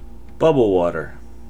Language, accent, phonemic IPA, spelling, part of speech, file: English, General American, /ˈbʌb.əl ˈwɔɾɚ/, bubble water, noun, En-us-bubble water.ogg
- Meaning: Synonym of carbonated water